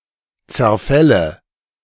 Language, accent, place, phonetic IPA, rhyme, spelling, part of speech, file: German, Germany, Berlin, [t͡sɛɐ̯ˈfɛlə], -ɛlə, Zerfälle, noun, De-Zerfälle.ogg
- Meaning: nominative/accusative/genitive plural of Zerfall